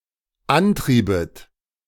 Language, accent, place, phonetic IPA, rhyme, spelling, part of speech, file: German, Germany, Berlin, [ˈanˌtʁiːbət], -antʁiːbət, antriebet, verb, De-antriebet.ogg
- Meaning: second-person plural dependent subjunctive II of antreiben